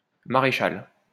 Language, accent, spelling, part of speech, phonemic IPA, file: French, France, maréchal, noun, /ma.ʁe.ʃal/, LL-Q150 (fra)-maréchal.wav
- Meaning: 1. marshal (officer in the household of a medieval prince or lord) 2. Military rank, usually ranking above general